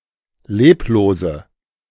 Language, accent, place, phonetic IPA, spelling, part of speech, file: German, Germany, Berlin, [ˈleːploːzə], leblose, adjective, De-leblose.ogg
- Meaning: inflection of leblos: 1. strong/mixed nominative/accusative feminine singular 2. strong nominative/accusative plural 3. weak nominative all-gender singular 4. weak accusative feminine/neuter singular